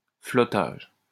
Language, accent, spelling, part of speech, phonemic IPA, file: French, France, flottage, noun, /flɔ.taʒ/, LL-Q150 (fra)-flottage.wav
- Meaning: floating (especially as a means of transporting logs)